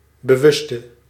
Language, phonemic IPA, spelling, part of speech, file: Dutch, /bəˈwʏstə/, bewuste, adjective, Nl-bewuste.ogg
- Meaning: inflection of bewust: 1. masculine/feminine singular attributive 2. definite neuter singular attributive 3. plural attributive